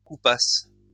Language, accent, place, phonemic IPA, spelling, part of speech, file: French, France, Lyon, /ku.pas/, coupassent, verb, LL-Q150 (fra)-coupassent.wav
- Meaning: third-person plural imperfect subjunctive of couper